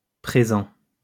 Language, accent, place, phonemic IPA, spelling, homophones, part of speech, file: French, France, Lyon, /pʁe.zɑ̃/, présents, présent, adjective / noun, LL-Q150 (fra)-présents.wav
- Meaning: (adjective) masculine plural of présent; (noun) plural of présent